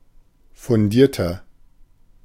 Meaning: 1. comparative degree of fundiert 2. inflection of fundiert: strong/mixed nominative masculine singular 3. inflection of fundiert: strong genitive/dative feminine singular
- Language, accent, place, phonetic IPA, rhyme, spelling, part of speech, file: German, Germany, Berlin, [fʊnˈdiːɐ̯tɐ], -iːɐ̯tɐ, fundierter, adjective, De-fundierter.ogg